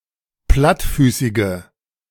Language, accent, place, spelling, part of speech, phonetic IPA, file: German, Germany, Berlin, plattfüßige, adjective, [ˈplatˌfyːsɪɡə], De-plattfüßige.ogg
- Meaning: inflection of plattfüßig: 1. strong/mixed nominative/accusative feminine singular 2. strong nominative/accusative plural 3. weak nominative all-gender singular